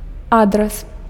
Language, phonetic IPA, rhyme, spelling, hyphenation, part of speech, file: Belarusian, [ˈadras], -adras, адрас, ад‧рас, noun, Be-адрас.ogg